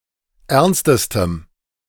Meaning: strong dative masculine/neuter singular superlative degree of ernst
- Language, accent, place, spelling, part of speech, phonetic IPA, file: German, Germany, Berlin, ernstestem, adjective, [ˈɛʁnstəstəm], De-ernstestem.ogg